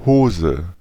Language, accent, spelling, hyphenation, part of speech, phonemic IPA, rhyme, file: German, Germany, Hose, Ho‧se, noun, /ˈhoːzə/, -oːzə, De-Hose.ogg
- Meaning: trousers